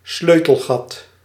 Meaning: a keyhole
- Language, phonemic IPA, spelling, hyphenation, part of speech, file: Dutch, /ˈsløː.təlˌɣɑt/, sleutelgat, sleu‧tel‧gat, noun, Nl-sleutelgat.ogg